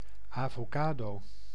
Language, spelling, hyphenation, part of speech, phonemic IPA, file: Dutch, avocado, avo‧ca‧do, noun, /ˌaː.voːˈkaː.doː/, Nl-avocado.ogg
- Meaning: avocado, alligator pear